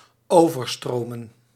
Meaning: to overflow
- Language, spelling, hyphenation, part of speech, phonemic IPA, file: Dutch, overstromen, over‧stro‧men, verb, /ˈoːvərˌstroːmə(n)/, Nl-overstromen1.ogg